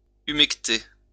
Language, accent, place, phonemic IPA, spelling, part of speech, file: French, France, Lyon, /y.mɛk.te/, humecter, verb, LL-Q150 (fra)-humecter.wav
- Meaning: to moisten (make slightly wet)